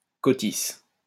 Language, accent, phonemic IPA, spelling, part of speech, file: French, France, /kɔ.tis/, cotice, noun, LL-Q150 (fra)-cotice.wav
- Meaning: bendlet